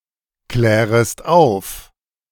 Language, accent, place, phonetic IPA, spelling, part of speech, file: German, Germany, Berlin, [ˌklɛːʁəst ˈaʊ̯f], klärest auf, verb, De-klärest auf.ogg
- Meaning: second-person singular subjunctive I of aufklären